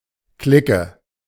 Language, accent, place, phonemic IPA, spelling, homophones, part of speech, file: German, Germany, Berlin, /ˈklɪkə/, Clique, klicke, noun, De-Clique.ogg
- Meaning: 1. a group of friends, a gang, clique 2. a clique, cabal, camarilla 3. clique